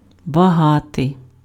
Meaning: 1. rich, wealthy 2. plentiful, abundant 3. valuable, precious
- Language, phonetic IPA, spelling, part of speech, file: Ukrainian, [bɐˈɦatei̯], багатий, adjective, Uk-багатий.ogg